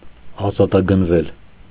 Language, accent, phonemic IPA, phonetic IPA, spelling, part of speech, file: Armenian, Eastern Armenian, /ɑzɑtɑɡənˈvel/, [ɑzɑtɑɡənvél], ազատագնվել, verb, Hy-ազատագնվել.ogg
- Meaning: mediopassive of ազատագնել (azatagnel)